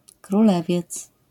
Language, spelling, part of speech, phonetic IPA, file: Polish, Królewiec, proper noun, [kruˈlɛ.vjɛt͡s], LL-Q809 (pol)-Królewiec.wav